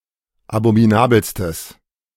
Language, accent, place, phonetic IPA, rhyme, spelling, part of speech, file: German, Germany, Berlin, [abomiˈnaːbl̩stəs], -aːbl̩stəs, abominabelstes, adjective, De-abominabelstes.ogg
- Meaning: strong/mixed nominative/accusative neuter singular superlative degree of abominabel